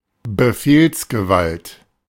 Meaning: command, authority to give orders
- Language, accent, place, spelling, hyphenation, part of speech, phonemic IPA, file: German, Germany, Berlin, Befehlsgewalt, Be‧fehls‧ge‧walt, noun, /bəˈfeːlsɡəˌvalt/, De-Befehlsgewalt.ogg